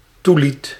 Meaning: 1. toilet, bathroom (room containing a lavatory) 2. toilet (fixture used for urination and defecation) 3. personal grooming
- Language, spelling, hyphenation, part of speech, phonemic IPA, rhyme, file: Dutch, toilet, toi‧let, noun, /tʋaːˈlɛt/, -ɛt, Nl-toilet.ogg